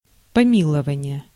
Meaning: pardon, mercy
- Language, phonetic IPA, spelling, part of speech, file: Russian, [pɐˈmʲiɫəvənʲɪje], помилование, noun, Ru-помилование.ogg